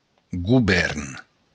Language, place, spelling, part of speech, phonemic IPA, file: Occitan, Béarn, govèrn, noun, /ɡuˈβɛɾn/, LL-Q14185 (oci)-govèrn.wav
- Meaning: government